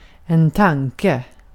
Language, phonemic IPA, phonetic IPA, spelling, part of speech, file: Swedish, /²taŋːkɛ/, [²t̪ʰäŋːkɛ̠], tanke, noun, Sv-tanke.ogg
- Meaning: 1. a thought 2. given, considering, in view of, with regard to